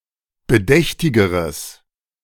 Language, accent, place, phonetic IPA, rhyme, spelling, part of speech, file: German, Germany, Berlin, [bəˈdɛçtɪɡəʁəs], -ɛçtɪɡəʁəs, bedächtigeres, adjective, De-bedächtigeres.ogg
- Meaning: strong/mixed nominative/accusative neuter singular comparative degree of bedächtig